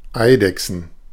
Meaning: plural of Eidechse
- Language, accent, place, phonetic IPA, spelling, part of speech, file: German, Germany, Berlin, [ˈaɪ̯dɛksn̩], Eidechsen, noun, De-Eidechsen.ogg